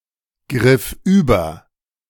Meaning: first/third-person singular preterite of übergreifen
- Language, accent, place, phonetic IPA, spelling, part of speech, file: German, Germany, Berlin, [ˌɡʁɪf ˈyːbɐ], griff über, verb, De-griff über.ogg